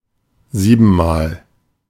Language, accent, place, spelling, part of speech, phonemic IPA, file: German, Germany, Berlin, siebenmal, adverb, /ˈziːbn̩maːl/, De-siebenmal.ogg
- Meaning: seven times